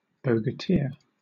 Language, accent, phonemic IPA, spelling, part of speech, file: English, Southern England, /ˌboʊɡəˈtɪɚ/, bogatyr, noun, LL-Q1860 (eng)-bogatyr.wav
- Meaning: A medieval heroic warrior in Kievan Rus, akin to the Western European knight-errant